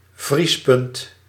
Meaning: freezing point
- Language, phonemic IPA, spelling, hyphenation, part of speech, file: Dutch, /vrispʌnt/, vriespunt, vries‧punt, noun, Nl-vriespunt.ogg